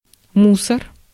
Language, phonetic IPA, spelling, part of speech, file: Russian, [ˈmusər], мусор, noun, Ru-мусор.ogg
- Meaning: 1. garbage, debris, refuse 2. cop, pig (policeman)